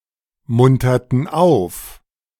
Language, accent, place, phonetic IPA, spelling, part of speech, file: German, Germany, Berlin, [ˌmʊntɐtn̩ ˈaʊ̯f], munterten auf, verb, De-munterten auf.ogg
- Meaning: inflection of aufmuntern: 1. first/third-person plural preterite 2. first/third-person plural subjunctive II